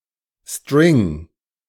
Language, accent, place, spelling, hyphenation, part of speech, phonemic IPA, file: German, Germany, Berlin, String, String, noun, /ˈstʁɪŋ/, De-String.ogg
- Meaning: 1. G-string, thong (scanty piece of underwear or lingerie) 2. string (sequence of text characters) 3. string (central object in string theory)